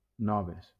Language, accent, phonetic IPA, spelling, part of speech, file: Catalan, Valencia, [ˈnɔ.ves], noves, adjective, LL-Q7026 (cat)-noves.wav
- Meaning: feminine plural of nou